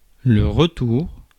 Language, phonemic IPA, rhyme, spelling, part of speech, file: French, /ʁə.tuʁ/, -uʁ, retour, noun, Fr-retour.ogg
- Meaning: 1. return 2. second coming 3. feedback (critical assessment of process or activity)